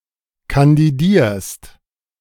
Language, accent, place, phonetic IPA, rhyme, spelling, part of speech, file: German, Germany, Berlin, [kandiˈdiːɐ̯st], -iːɐ̯st, kandidierst, verb, De-kandidierst.ogg
- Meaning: second-person singular present of kandidieren